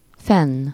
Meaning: alternative form of fent
- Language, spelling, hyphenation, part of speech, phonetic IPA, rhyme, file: Hungarian, fenn, fenn, adverb, [ˈfɛnː], -ɛnː, Hu-fenn.ogg